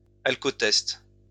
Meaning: 1. breathalyser 2. breath test for alcohol
- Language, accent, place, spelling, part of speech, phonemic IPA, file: French, France, Lyon, alcootest, noun, /al.kɔ.tɛst/, LL-Q150 (fra)-alcootest.wav